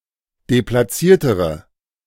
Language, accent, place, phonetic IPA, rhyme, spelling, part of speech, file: German, Germany, Berlin, [deplaˈt͡siːɐ̯təʁə], -iːɐ̯təʁə, deplatziertere, adjective, De-deplatziertere.ogg
- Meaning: inflection of deplatziert: 1. strong/mixed nominative/accusative feminine singular comparative degree 2. strong nominative/accusative plural comparative degree